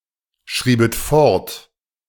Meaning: second-person plural subjunctive II of fortschreiben
- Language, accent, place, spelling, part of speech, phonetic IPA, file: German, Germany, Berlin, schriebet fort, verb, [ˌʃʁiːbət ˈfɔʁt], De-schriebet fort.ogg